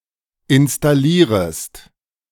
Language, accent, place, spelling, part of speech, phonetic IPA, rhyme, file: German, Germany, Berlin, installierest, verb, [ɪnstaˈliːʁəst], -iːʁəst, De-installierest.ogg
- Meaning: second-person singular subjunctive I of installieren